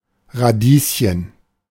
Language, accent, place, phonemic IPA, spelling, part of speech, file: German, Germany, Berlin, /ʁaˈdiːs.çən/, Radieschen, noun, De-Radieschen.ogg
- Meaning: radish (Raphanus raphanistrum subsp. sativus, syn. Raphanus sativus)